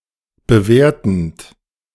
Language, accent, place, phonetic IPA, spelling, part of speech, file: German, Germany, Berlin, [bəˈveːɐ̯tn̩t], bewertend, verb, De-bewertend.ogg
- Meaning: present participle of bewerten